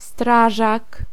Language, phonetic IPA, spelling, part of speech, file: Polish, [ˈstraʒak], strażak, noun, Pl-strażak.ogg